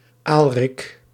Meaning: a male given name
- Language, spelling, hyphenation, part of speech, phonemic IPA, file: Dutch, Aalrik, Aal‧rik, proper noun, /ˈaːl.rɪk/, Nl-Aalrik.ogg